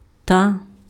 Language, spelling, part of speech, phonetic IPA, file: Ukrainian, та, conjunction, [ta], Uk-та.ogg
- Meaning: 1. and, also, even 2. but